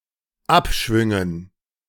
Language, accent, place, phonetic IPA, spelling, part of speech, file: German, Germany, Berlin, [ˈapˌʃvʏŋən], Abschwüngen, noun, De-Abschwüngen.ogg
- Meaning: dative plural of Abschwung